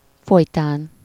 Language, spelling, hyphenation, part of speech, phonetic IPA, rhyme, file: Hungarian, folytán, foly‧tán, postposition, [ˈfojtaːn], -aːn, Hu-folytán.ogg
- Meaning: 1. during, in the course of 2. in consequence of, as a result of